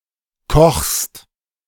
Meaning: second-person singular present of kochen
- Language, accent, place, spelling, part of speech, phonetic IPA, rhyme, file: German, Germany, Berlin, kochst, verb, [kɔxst], -ɔxst, De-kochst.ogg